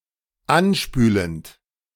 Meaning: present participle of anspülen
- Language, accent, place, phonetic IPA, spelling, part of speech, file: German, Germany, Berlin, [ˈanˌʃpyːlənt], anspülend, verb, De-anspülend.ogg